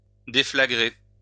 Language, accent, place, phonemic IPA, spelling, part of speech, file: French, France, Lyon, /de.fla.ɡʁe/, déflagrer, verb, LL-Q150 (fra)-déflagrer.wav
- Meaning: to deflagrate